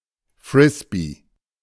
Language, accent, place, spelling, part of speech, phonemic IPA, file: German, Germany, Berlin, Frisbee, noun, /ˈfʁɪsbi/, De-Frisbee.ogg
- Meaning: 1. frisbee 2. frisbee (flying disk)